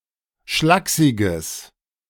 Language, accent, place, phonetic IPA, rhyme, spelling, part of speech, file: German, Germany, Berlin, [ˈʃlaːksɪɡəs], -aːksɪɡəs, schlaksiges, adjective, De-schlaksiges.ogg
- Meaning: strong/mixed nominative/accusative neuter singular of schlaksig